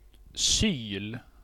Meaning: an awl
- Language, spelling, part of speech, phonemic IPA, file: Swedish, syl, noun, /syːl/, Sv-syl.ogg